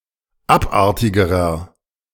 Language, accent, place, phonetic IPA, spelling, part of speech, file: German, Germany, Berlin, [ˈapˌʔaʁtɪɡəʁɐ], abartigerer, adjective, De-abartigerer.ogg
- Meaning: inflection of abartig: 1. strong/mixed nominative masculine singular comparative degree 2. strong genitive/dative feminine singular comparative degree 3. strong genitive plural comparative degree